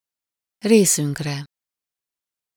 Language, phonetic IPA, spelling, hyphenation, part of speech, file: Hungarian, [ˈreːsyŋkrɛ], részünkre, ré‧szünk‧re, pronoun, Hu-részünkre.ogg
- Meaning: first-person plural of részére